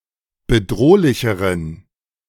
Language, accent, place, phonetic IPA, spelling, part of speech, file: German, Germany, Berlin, [bəˈdʁoːlɪçəʁən], bedrohlicheren, adjective, De-bedrohlicheren.ogg
- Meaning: inflection of bedrohlich: 1. strong genitive masculine/neuter singular comparative degree 2. weak/mixed genitive/dative all-gender singular comparative degree